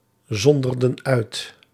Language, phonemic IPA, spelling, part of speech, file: Dutch, /ˈzɔndərdə(n) ˈœyt/, zonderden uit, verb, Nl-zonderden uit.ogg
- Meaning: inflection of uitzonderen: 1. plural past indicative 2. plural past subjunctive